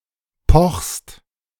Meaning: second-person singular present of pochen
- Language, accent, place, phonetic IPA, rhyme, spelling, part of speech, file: German, Germany, Berlin, [pɔxst], -ɔxst, pochst, verb, De-pochst.ogg